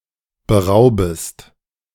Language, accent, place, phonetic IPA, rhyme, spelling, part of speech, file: German, Germany, Berlin, [bəˈʁaʊ̯bəst], -aʊ̯bəst, beraubest, verb, De-beraubest.ogg
- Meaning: second-person singular subjunctive I of berauben